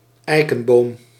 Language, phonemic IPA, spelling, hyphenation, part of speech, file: Dutch, /ˈɛi̯.kə(n)ˌboːm/, eikenboom, ei‧ken‧boom, noun, Nl-eikenboom.ogg
- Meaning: oak tree